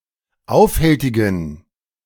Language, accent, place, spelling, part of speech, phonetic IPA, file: German, Germany, Berlin, aufhältigen, adjective, [ˈaʊ̯fˌhɛltɪɡn̩], De-aufhältigen.ogg
- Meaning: inflection of aufhältig: 1. strong genitive masculine/neuter singular 2. weak/mixed genitive/dative all-gender singular 3. strong/weak/mixed accusative masculine singular 4. strong dative plural